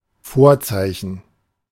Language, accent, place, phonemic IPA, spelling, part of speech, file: German, Germany, Berlin, /ˈfoːrˌtsaɪ̯çən/, Vorzeichen, noun, De-Vorzeichen.ogg
- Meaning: 1. omen, presage 2. early symptom, early sign 3. sign (plus or minus) 4. signature, accidental (sign denoting key and tempo)